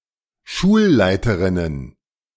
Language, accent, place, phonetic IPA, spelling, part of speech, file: German, Germany, Berlin, [ˈʃuːlˌlaɪ̯təʁɪnən], Schulleiterinnen, noun, De-Schulleiterinnen.ogg
- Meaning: plural of Schulleiterin